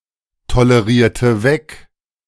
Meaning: inflection of wegtolerieren: 1. first/third-person singular preterite 2. first/third-person singular subjunctive II
- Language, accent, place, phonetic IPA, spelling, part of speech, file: German, Germany, Berlin, [toləˌʁiːɐ̯tə ˈvɛk], tolerierte weg, verb, De-tolerierte weg.ogg